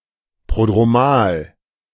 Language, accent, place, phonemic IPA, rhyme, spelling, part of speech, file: German, Germany, Berlin, /ˌprodʁoˈmaːl/, -aːl, prodromal, adjective, De-prodromal.ogg
- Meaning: prodromal